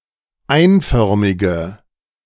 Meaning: inflection of einförmig: 1. strong/mixed nominative/accusative feminine singular 2. strong nominative/accusative plural 3. weak nominative all-gender singular
- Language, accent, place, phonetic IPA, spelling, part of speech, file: German, Germany, Berlin, [ˈaɪ̯nˌfœʁmɪɡə], einförmige, adjective, De-einförmige.ogg